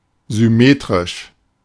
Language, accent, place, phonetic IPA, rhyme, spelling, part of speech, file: German, Germany, Berlin, [zʏˈmeːtʁɪʃ], -eːtʁɪʃ, symmetrisch, adjective, De-symmetrisch.ogg
- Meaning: symmetrical, symmetric